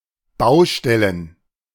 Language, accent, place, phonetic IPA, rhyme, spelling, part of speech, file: German, Germany, Berlin, [ˈbaʊ̯ˌʃtɛlən], -aʊ̯ʃtɛlən, Baustellen, noun, De-Baustellen.ogg
- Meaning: plural of Baustelle